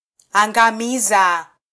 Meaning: Causative form of -angamia: to cause to sink, to destroy, to eradicate
- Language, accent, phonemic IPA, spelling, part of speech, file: Swahili, Kenya, /ɑ.ᵑɡɑˈmi.zɑ/, angamiza, verb, Sw-ke-angamiza.flac